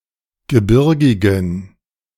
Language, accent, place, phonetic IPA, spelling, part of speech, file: German, Germany, Berlin, [ɡəˈbɪʁɡɪɡn̩], gebirgigen, adjective, De-gebirgigen.ogg
- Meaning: inflection of gebirgig: 1. strong genitive masculine/neuter singular 2. weak/mixed genitive/dative all-gender singular 3. strong/weak/mixed accusative masculine singular 4. strong dative plural